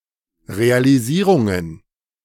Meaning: plural of Realisierung
- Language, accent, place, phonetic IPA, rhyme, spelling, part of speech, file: German, Germany, Berlin, [ʁealiˈziːʁʊŋən], -iːʁʊŋən, Realisierungen, noun, De-Realisierungen.ogg